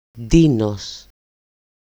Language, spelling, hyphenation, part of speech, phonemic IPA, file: Greek, Ντίνος, Ντί‧νος, proper noun, /ˈdi.nos/, EL-Ντίνος.ogg
- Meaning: A shortened, everyday form of Κωνσταντίνος, Constantine